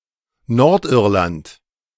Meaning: Northern Ireland (a constituent country and province of the United Kingdom, situated in the northeastern part of the island of Ireland)
- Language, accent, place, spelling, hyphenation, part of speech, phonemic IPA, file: German, Germany, Berlin, Nordirland, Nord‧ir‧land, proper noun, /ˈnɔʁtˈʔɪʁlant/, De-Nordirland.ogg